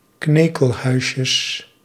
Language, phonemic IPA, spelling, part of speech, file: Dutch, /ˈknekəlˌhœyʃəs/, knekelhuisjes, noun, Nl-knekelhuisjes.ogg
- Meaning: plural of knekelhuisje